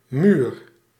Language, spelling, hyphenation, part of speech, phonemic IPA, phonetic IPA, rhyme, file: Dutch, muur, muur, noun, /myr/, [myːr], -yr, Nl-muur.ogg
- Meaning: 1. wall 2. wall (figuratively, any barrier which limits access)